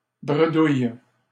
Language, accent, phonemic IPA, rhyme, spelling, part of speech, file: French, Canada, /bʁə.duj/, -uj, bredouille, adjective / noun / verb, LL-Q150 (fra)-bredouille.wav
- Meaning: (adjective) empty-handed; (noun) a token used to mark points in a game of trictrac; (verb) inflection of bredouiller: first/third-person singular present indicative/subjunctive